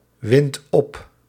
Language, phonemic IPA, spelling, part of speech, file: Dutch, /ˈwɪnt ˈɔp/, windt op, verb, Nl-windt op.ogg
- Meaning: inflection of opwinden: 1. second/third-person singular present indicative 2. plural imperative